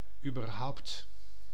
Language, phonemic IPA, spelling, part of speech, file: Dutch, /ybərˈɦɑu̯(p)t/, überhaupt, adverb, Nl-überhaupt.ogg
- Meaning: at all; anyway; in the first place